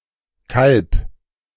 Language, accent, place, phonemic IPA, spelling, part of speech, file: German, Germany, Berlin, /kalp/, Kalb, noun, De-Kalb.ogg
- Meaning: calf (young cow)